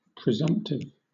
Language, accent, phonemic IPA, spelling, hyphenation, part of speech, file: English, Southern England, /pɹɪˈzʌm(p)tɪv/, presumptive, pre‧sumpt‧ive, adjective, LL-Q1860 (eng)-presumptive.wav
- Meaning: Based on presumption or conjecture; inferred, likely, presumed